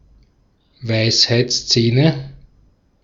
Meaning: nominative/accusative/genitive plural of Weisheitszahn
- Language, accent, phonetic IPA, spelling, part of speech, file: German, Austria, [ˈvaɪ̯shaɪ̯t͡sˌt͡sɛːnə], Weisheitszähne, noun, De-at-Weisheitszähne.ogg